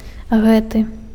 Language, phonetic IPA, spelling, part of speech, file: Belarusian, [ˈɣɛtɨ], гэты, pronoun, Be-гэты.ogg
- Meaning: 1. this, these 2. it 3. that